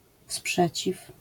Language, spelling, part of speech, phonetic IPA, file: Polish, sprzeciw, noun, [ˈspʃɛt͡ɕif], LL-Q809 (pol)-sprzeciw.wav